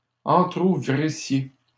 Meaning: second-person plural imperfect subjunctive of entrouvrir
- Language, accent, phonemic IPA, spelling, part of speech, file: French, Canada, /ɑ̃.tʁu.vʁi.sje/, entrouvrissiez, verb, LL-Q150 (fra)-entrouvrissiez.wav